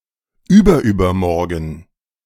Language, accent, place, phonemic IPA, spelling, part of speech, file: German, Germany, Berlin, /ˈyːbɐˌyːbɐmɔʁɡən/, überübermorgen, adverb, De-überübermorgen.ogg
- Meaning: in three days, the day after the day after tomorrow